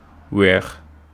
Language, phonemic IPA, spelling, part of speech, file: Wolof, /wɛːx/, weex, verb, Wo-weex.ogg
- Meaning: white